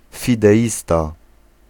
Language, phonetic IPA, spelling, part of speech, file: Polish, [ˌfʲidɛˈʲista], fideista, noun, Pl-fideista.ogg